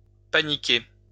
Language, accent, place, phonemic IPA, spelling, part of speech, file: French, France, Lyon, /pa.ni.ke/, paniquer, verb, LL-Q150 (fra)-paniquer.wav
- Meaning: to panic